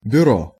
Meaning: 1. office, bureau, agency 2. bureau, writing desk, secretary
- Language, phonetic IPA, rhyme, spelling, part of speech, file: Russian, [bʲʊˈro], -o, бюро, noun, Ru-бюро.ogg